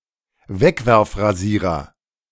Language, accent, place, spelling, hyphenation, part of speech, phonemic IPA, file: German, Germany, Berlin, Wegwerfrasierer, Weg‧werf‧ra‧sie‧rer, noun, /ˈvɛkvɛʁfʁaˌziːʁɐ/, De-Wegwerfrasierer.ogg
- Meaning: disposable razor